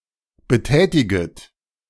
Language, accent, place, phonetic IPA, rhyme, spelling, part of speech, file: German, Germany, Berlin, [bəˈtɛːtɪɡət], -ɛːtɪɡət, betätiget, verb, De-betätiget.ogg
- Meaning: second-person plural subjunctive I of betätigen